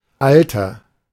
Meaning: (noun) 1. age, old age 2. antiquity 3. epoch, age 4. nominalization of alt (“someone or something old or bygone”) 5. old man; old person
- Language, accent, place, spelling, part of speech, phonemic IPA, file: German, Germany, Berlin, Alter, noun / interjection, /ˈaltər/, De-Alter.ogg